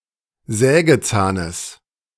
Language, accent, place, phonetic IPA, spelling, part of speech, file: German, Germany, Berlin, [ˈzɛːɡəˌt͡saːnəs], Sägezahnes, noun, De-Sägezahnes.ogg
- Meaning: genitive of Sägezahn